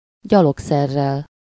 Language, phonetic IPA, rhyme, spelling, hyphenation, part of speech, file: Hungarian, [ˈɟɒloksɛrːɛl], -ɛl, gyalogszerrel, gya‧log‧szer‧rel, adverb, Hu-gyalogszerrel.ogg
- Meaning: on foot